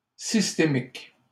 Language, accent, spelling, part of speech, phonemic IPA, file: French, Canada, systémiques, adjective, /sis.te.mik/, LL-Q150 (fra)-systémiques.wav
- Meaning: plural of systémique